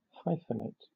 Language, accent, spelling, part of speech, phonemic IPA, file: English, Southern England, hyphenate, verb, /ˈhaɪf(ə)ˌneɪt/, LL-Q1860 (eng)-hyphenate.wav
- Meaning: 1. to break a word at the end of a line according to the hyphenation rules by adding a hyphen on the end of the line 2. to join words or syllables with a hyphen